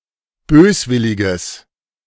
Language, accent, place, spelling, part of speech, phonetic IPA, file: German, Germany, Berlin, böswilliges, adjective, [ˈbøːsˌvɪlɪɡəs], De-böswilliges.ogg
- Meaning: strong/mixed nominative/accusative neuter singular of böswillig